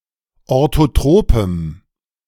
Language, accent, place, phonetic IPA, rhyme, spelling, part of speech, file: German, Germany, Berlin, [ˌoʁtoˈtʁoːpəm], -oːpəm, orthotropem, adjective, De-orthotropem.ogg
- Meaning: strong dative masculine/neuter singular of orthotrop